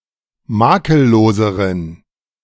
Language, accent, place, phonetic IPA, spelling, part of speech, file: German, Germany, Berlin, [ˈmaːkəlˌloːzəʁən], makelloseren, adjective, De-makelloseren.ogg
- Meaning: inflection of makellos: 1. strong genitive masculine/neuter singular comparative degree 2. weak/mixed genitive/dative all-gender singular comparative degree